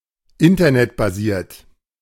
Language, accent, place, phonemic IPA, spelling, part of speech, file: German, Germany, Berlin, /ˈɪntɐnɛtbaˌziːɐ̯t/, internetbasiert, adjective, De-internetbasiert.ogg
- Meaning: Internet-based